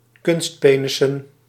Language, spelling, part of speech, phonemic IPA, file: Dutch, kunstpenissen, noun, /ˈkʏnstpenɪsə(n)/, Nl-kunstpenissen.ogg
- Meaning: plural of kunstpenis